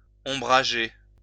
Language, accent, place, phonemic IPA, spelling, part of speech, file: French, France, Lyon, /ɔ̃.bʁa.ʒe/, ombrager, verb, LL-Q150 (fra)-ombrager.wav
- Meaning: 1. to shade 2. to overshadow